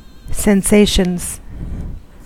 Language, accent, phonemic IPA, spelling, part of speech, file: English, US, /sɛnˈseɪʃənz/, sensations, noun, En-us-sensations.ogg
- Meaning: plural of sensation